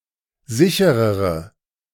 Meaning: inflection of sicher: 1. strong/mixed nominative/accusative feminine singular comparative degree 2. strong nominative/accusative plural comparative degree
- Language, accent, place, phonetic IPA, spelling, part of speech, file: German, Germany, Berlin, [ˈzɪçəʁəʁə], sicherere, adjective, De-sicherere.ogg